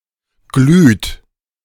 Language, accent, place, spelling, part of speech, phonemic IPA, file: German, Germany, Berlin, glüht, verb, /ɡlyːt/, De-glüht.ogg
- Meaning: inflection of glühen: 1. third-person singular present 2. second-person plural present 3. plural imperative